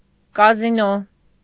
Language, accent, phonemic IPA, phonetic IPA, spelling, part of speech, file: Armenian, Eastern Armenian, /kɑziˈno/, [kɑzinó], կազինո, noun, Hy-կազինո.ogg
- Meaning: casino